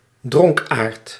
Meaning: drunkard
- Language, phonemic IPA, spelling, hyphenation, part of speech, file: Dutch, /ˈdrɔŋkaːrd/, dronkaard, dronk‧aard, noun, Nl-dronkaard.ogg